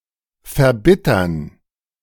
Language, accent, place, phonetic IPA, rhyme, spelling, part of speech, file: German, Germany, Berlin, [fɛɐ̯ˈbɪtɐn], -ɪtɐn, verbittern, verb, De-verbittern.ogg
- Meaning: to embitter